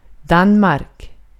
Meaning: Denmark (a country in Northern Europe)
- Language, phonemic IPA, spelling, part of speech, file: Swedish, /¹danmark/, Danmark, proper noun, Sv-Danmark.ogg